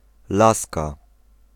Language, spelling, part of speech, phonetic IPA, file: Polish, laska, noun / adjective, [ˈlaska], Pl-laska.ogg